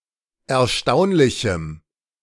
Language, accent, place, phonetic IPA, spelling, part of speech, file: German, Germany, Berlin, [ɛɐ̯ˈʃtaʊ̯nlɪçm̩], erstaunlichem, adjective, De-erstaunlichem.ogg
- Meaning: strong dative masculine/neuter singular of erstaunlich